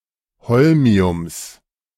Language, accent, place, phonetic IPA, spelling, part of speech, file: German, Germany, Berlin, [ˈhɔlmi̯ʊms], Holmiums, noun, De-Holmiums.ogg
- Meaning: genitive singular of Holmium